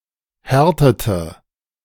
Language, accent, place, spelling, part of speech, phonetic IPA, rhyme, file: German, Germany, Berlin, härtete, verb, [ˈhɛʁtətə], -ɛʁtətə, De-härtete.ogg
- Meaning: inflection of härten: 1. first/third-person singular preterite 2. first/third-person singular subjunctive II